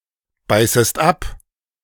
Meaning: second-person singular subjunctive I of abbeißen
- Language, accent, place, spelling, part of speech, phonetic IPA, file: German, Germany, Berlin, beißest ab, verb, [ˌbaɪ̯səst ˈap], De-beißest ab.ogg